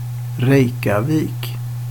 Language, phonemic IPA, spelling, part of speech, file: Swedish, /²rɛjkjaˌviːk/, Reykjavik, proper noun, Sv-Reykjavik.ogg
- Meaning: Reykjavík (the capital city of Iceland)